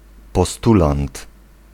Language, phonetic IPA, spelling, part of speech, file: Polish, [pɔˈstulãnt], postulant, noun, Pl-postulant.ogg